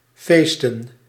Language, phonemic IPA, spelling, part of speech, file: Dutch, /ˈfeːstə(n)/, feesten, verb / noun, Nl-feesten.ogg
- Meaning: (verb) to party, to celebrate; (noun) plural of feest